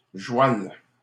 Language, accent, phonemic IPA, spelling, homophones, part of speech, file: French, Canada, /ʒwal/, joual, joualle, noun / adjective, LL-Q150 (fra)-joual.wav
- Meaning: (noun) 1. joual 2. horse